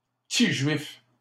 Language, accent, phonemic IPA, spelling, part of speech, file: French, Canada, /pə.ti ʒɥif/, petit juif, noun, LL-Q150 (fra)-petit juif.wav
- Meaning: funny bone